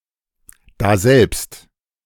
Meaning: right there
- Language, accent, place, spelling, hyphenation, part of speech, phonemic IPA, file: German, Germany, Berlin, daselbst, da‧selbst, adverb, /daˈzɛlpst/, De-daselbst.ogg